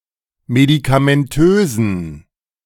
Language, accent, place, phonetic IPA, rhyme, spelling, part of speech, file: German, Germany, Berlin, [medikamɛnˈtøːzn̩], -øːzn̩, medikamentösen, adjective, De-medikamentösen.ogg
- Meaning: inflection of medikamentös: 1. strong genitive masculine/neuter singular 2. weak/mixed genitive/dative all-gender singular 3. strong/weak/mixed accusative masculine singular 4. strong dative plural